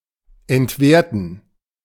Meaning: 1. to devalue 2. to invalidate 3. to punch, to stamp, to validate
- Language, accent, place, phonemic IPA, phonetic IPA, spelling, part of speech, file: German, Germany, Berlin, /ɛntˈveːʁtən/, [ʔɛntˈveːɐ̯tn̩], entwerten, verb, De-entwerten.ogg